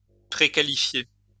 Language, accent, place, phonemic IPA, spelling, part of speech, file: French, France, Lyon, /pʁe.ka.li.fje/, préqualifier, verb, LL-Q150 (fra)-préqualifier.wav
- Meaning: to prequalify